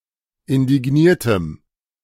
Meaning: strong dative masculine/neuter singular of indigniert
- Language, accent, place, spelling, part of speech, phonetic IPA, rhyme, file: German, Germany, Berlin, indigniertem, adjective, [ɪndɪˈɡniːɐ̯təm], -iːɐ̯təm, De-indigniertem.ogg